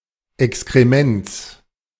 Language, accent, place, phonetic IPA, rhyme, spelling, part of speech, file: German, Germany, Berlin, [ɛkskʁeˈmɛnt͡s], -ɛnt͡s, Exkrements, noun, De-Exkrements.ogg
- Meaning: genitive singular of Exkrement